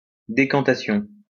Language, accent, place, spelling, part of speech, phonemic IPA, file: French, France, Lyon, décantation, noun, /de.kɑ̃.ta.sjɔ̃/, LL-Q150 (fra)-décantation.wav
- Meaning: decantation